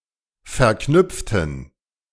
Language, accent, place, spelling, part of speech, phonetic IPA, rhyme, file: German, Germany, Berlin, verknüpften, adjective / verb, [fɛɐ̯ˈknʏp͡ftn̩], -ʏp͡ftn̩, De-verknüpften.ogg
- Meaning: inflection of verknüpft: 1. strong genitive masculine/neuter singular 2. weak/mixed genitive/dative all-gender singular 3. strong/weak/mixed accusative masculine singular 4. strong dative plural